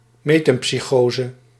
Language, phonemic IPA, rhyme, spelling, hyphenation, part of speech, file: Dutch, /ˌmeː.tɛm.psiˈxoː.zə/, -oːzə, metempsychose, me‧tem‧psy‧cho‧se, noun, Nl-metempsychose.ogg
- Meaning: metempsychosis, reincarnation